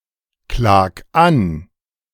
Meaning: 1. singular imperative of anklagen 2. first-person singular present of anklagen
- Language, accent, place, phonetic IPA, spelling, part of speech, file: German, Germany, Berlin, [ˌklaːk ˈan], klag an, verb, De-klag an.ogg